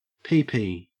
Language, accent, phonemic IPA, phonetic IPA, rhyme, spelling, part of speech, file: English, Australia, /ˈpiːpiː/, [ˈpɪi̯pɪi̯], -iːpiː, pee-pee, noun / verb, En-au-pee-pee.ogg
- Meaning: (noun) 1. Urine 2. The penis or vulva; genitalia; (verb) To urinate